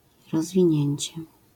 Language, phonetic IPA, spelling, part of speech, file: Polish, [ˌrɔzvʲĩˈɲɛ̇̃ɲt͡ɕɛ], rozwinięcie, noun, LL-Q809 (pol)-rozwinięcie.wav